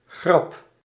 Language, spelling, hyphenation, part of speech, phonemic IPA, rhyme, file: Dutch, grap, grap, noun, /ɣrɑp/, -ɑp, Nl-grap.ogg
- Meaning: 1. joke 2. an adverse event or unnecessary item that incurs a considerable cost